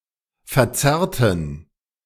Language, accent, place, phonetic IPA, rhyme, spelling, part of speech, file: German, Germany, Berlin, [fɛɐ̯ˈt͡sɛʁtn̩], -ɛʁtn̩, verzerrten, adjective / verb, De-verzerrten.ogg
- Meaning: inflection of verzerrt: 1. strong genitive masculine/neuter singular 2. weak/mixed genitive/dative all-gender singular 3. strong/weak/mixed accusative masculine singular 4. strong dative plural